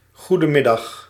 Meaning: good afternoon
- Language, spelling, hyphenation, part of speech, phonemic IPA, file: Dutch, goedemiddag, goe‧de‧mid‧dag, interjection, /ˌɣu.dəˈmɪ.dɑx/, Nl-goedemiddag.ogg